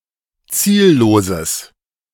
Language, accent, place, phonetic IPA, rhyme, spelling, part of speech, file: German, Germany, Berlin, [ˈt͡siːlloːzəs], -iːlloːzəs, zielloses, adjective, De-zielloses.ogg
- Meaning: strong/mixed nominative/accusative neuter singular of ziellos